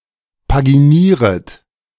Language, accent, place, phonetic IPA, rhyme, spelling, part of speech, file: German, Germany, Berlin, [paɡiˈniːʁət], -iːʁət, paginieret, verb, De-paginieret.ogg
- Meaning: second-person plural subjunctive I of paginieren